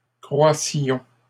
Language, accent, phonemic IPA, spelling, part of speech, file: French, Canada, /kʁwa.sjɔ̃/, croissions, verb, LL-Q150 (fra)-croissions.wav
- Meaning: inflection of croître: 1. first-person plural imperfect indicative 2. first-person plural present subjunctive